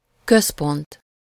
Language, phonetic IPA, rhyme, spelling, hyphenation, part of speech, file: Hungarian, [ˈkøspont], -ont, központ, köz‧pont, noun, Hu-központ.ogg
- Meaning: center, central point, central office, headquarters